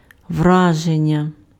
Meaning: impression (overall effect of something)
- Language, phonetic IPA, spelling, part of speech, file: Ukrainian, [ˈwraʒenʲːɐ], враження, noun, Uk-враження.ogg